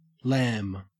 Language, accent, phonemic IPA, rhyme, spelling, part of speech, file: English, Australia, /læm/, -æm, lam, verb / noun, En-au-lam.ogg
- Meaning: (verb) 1. To beat or thrash 2. To flee or run away; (noun) 1. A flight or escape 2. The twenty-third letter of the Arabic alphabet, ل (l). It is preceded by ك (k) and followed by م (m)